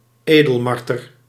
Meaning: synonym of boommarter (“pine marten (Martes martes)”)
- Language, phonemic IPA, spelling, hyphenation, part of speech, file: Dutch, /ˈeː.dəlˌmɑr.tər/, edelmarter, edel‧mar‧ter, noun, Nl-edelmarter.ogg